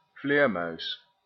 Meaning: bat, mammal of the order Chiroptera
- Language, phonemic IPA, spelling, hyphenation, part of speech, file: Dutch, /ˈvleːrmœy̯s/, vleermuis, vleer‧muis, noun, Nl-vleermuis.ogg